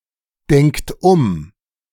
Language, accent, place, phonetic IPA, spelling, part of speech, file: German, Germany, Berlin, [ˌdɛŋkt ˈʊm], denkt um, verb, De-denkt um.ogg
- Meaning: inflection of umdenken: 1. third-person singular present 2. second-person plural present 3. plural imperative